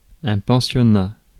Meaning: 1. boarding school 2. residential school
- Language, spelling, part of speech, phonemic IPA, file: French, pensionnat, noun, /pɑ̃.sjɔ.na/, Fr-pensionnat.ogg